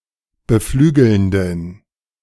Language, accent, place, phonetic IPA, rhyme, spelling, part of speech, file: German, Germany, Berlin, [bəˈflyːɡl̩ndn̩], -yːɡl̩ndn̩, beflügelnden, adjective, De-beflügelnden.ogg
- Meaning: inflection of beflügelnd: 1. strong genitive masculine/neuter singular 2. weak/mixed genitive/dative all-gender singular 3. strong/weak/mixed accusative masculine singular 4. strong dative plural